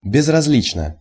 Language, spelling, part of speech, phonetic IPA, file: Russian, безразлично, adverb / adjective, [bʲɪzrɐz⁽ʲ⁾ˈlʲit͡ɕnə], Ru-безразлично.ogg
- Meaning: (adverb) indifferently; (adjective) 1. it doesn't matter, it's all the same 2. short neuter singular of безразли́чный (bezrazlíčnyj)